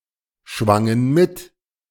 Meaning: first/third-person plural preterite of mitschwingen
- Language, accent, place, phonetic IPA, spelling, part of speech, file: German, Germany, Berlin, [ˌʃvaŋən ˈmɪt], schwangen mit, verb, De-schwangen mit.ogg